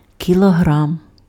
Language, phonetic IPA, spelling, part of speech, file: Ukrainian, [kʲiɫɔˈɦram], кілограм, noun, Uk-кілограм.ogg
- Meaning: kilogram